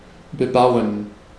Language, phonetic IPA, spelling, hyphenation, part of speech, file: German, [bəˈbaʊ̯ən], bebauen, be‧bau‧en, verb, De-bebauen.ogg
- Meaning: 1. to build a building in (a free piece of land); to develop 2. to cultivate